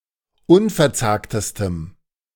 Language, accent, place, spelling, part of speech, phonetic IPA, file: German, Germany, Berlin, unverzagtestem, adjective, [ˈʊnfɛɐ̯ˌt͡saːktəstəm], De-unverzagtestem.ogg
- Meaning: strong dative masculine/neuter singular superlative degree of unverzagt